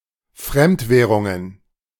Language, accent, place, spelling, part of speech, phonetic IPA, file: German, Germany, Berlin, Fremdwährungen, noun, [ˈfʁɛmtˌvɛːʁʊŋən], De-Fremdwährungen.ogg
- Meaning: plural of Fremdwährung